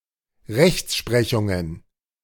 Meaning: plural of Rechtsprechung
- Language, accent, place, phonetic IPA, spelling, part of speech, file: German, Germany, Berlin, [ˈʁɛçtˌʃpʁɛçʊŋən], Rechtsprechungen, noun, De-Rechtsprechungen.ogg